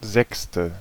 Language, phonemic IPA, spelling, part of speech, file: German, /ˈzɛkstə/, sechste, adjective, De-sechste.ogg
- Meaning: sixth